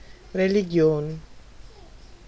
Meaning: religion
- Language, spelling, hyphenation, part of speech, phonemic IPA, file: German, Religion, Re‧li‧gi‧on, noun, /ʁeliˈɡi̯oːn/, De-Religion.ogg